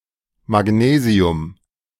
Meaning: magnesium
- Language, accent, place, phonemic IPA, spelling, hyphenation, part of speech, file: German, Germany, Berlin, /maˈɡneːzi̯ʊm/, Magnesium, Mag‧ne‧si‧um, noun, De-Magnesium.ogg